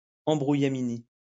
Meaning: muddle, confusion
- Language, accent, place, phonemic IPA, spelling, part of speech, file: French, France, Lyon, /ɑ̃.bʁu.ja.mi.ni/, embrouillamini, noun, LL-Q150 (fra)-embrouillamini.wav